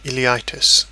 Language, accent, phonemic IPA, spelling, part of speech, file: English, UK, /ˌɪliˈaɪtɪs/, ileitis, noun, En-uk-ileitis.ogg
- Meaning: Inflammation of the ileum